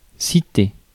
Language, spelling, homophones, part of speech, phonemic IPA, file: French, citer, citai / cité / citée / citées / cités / citez, verb, /si.te/, Fr-citer.ogg
- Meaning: 1. to cite, quote 2. to summon 3. to name